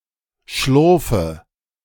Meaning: inflection of schlurfen: 1. first-person singular present 2. first/third-person singular subjunctive I 3. singular imperative
- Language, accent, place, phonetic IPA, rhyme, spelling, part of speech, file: German, Germany, Berlin, [ˈʃlʊʁfə], -ʊʁfə, schlurfe, verb, De-schlurfe.ogg